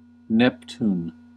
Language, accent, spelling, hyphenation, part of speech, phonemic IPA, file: English, US, Neptune, Nep‧tune, proper noun, /ˈnɛptuːn/, En-us-Neptune.ogg
- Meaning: 1. The eighth planet in our solar system, represented in astronomy and astrology by ♆ 2. The god of the ocean and of earthquakes, equivalent to Poseidon in Greek mythology